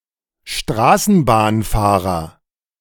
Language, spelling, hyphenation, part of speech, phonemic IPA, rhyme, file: German, Straßenbahnfahrer, Stra‧ßen‧bahn‧fah‧rer, noun, /ˈʃtʁaːsn̩baːnˌfaːʁɐ/, -aːʁɐ, De-Straßenbahnfahrer.oga
- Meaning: tram driver (male or of unspecified sex)